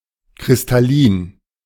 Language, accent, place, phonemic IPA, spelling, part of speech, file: German, Germany, Berlin, /kʁɪstaˈliːn/, kristallin, adjective, De-kristallin.ogg
- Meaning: crystalline